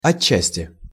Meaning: partially (to a partial degree)
- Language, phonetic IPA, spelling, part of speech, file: Russian, [ɐˈt͡ɕːæsʲtʲɪ], отчасти, adverb, Ru-отчасти.ogg